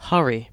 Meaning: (noun) 1. A rushed action 2. An urgency
- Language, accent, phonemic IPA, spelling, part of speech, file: English, Southern England, /ˈhʌ.ɹi/, hurry, noun / verb, En-uk-hurry.ogg